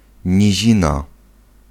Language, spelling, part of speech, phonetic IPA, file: Polish, nizina, noun, [ɲiˈʑĩna], Pl-nizina.ogg